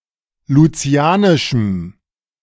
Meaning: strong dative masculine/neuter singular of lucianisch
- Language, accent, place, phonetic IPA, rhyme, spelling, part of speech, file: German, Germany, Berlin, [luˈt͡si̯aːnɪʃm̩], -aːnɪʃm̩, lucianischem, adjective, De-lucianischem.ogg